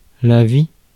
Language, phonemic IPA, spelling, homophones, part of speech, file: French, /vi/, vie, vies / vis / vit / vît, noun, Fr-vie.ogg
- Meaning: 1. life, the state of organisms (organic beings) prior to death 2. life, period in which one is alive, between birth and death 3. biography, life 4. life, lifeforms 5. cost of living